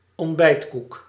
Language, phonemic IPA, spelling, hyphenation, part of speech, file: Dutch, /ɔntˈbɛi̯tˌkuk/, ontbijtkoek, ont‧bijt‧koek, noun, Nl-ontbijtkoek.ogg
- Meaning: a type of spiced cake without succade commonly consumed in the Low Countries